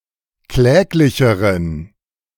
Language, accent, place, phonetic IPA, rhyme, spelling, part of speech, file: German, Germany, Berlin, [ˈklɛːklɪçəʁən], -ɛːklɪçəʁən, kläglicheren, adjective, De-kläglicheren.ogg
- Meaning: inflection of kläglich: 1. strong genitive masculine/neuter singular comparative degree 2. weak/mixed genitive/dative all-gender singular comparative degree